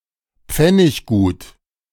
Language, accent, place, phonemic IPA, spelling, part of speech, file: German, Germany, Berlin, /ˈpfɛnɪçɡuːt/, pfenniggut, adjective, De-pfenniggut.ogg
- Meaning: that has some monetary value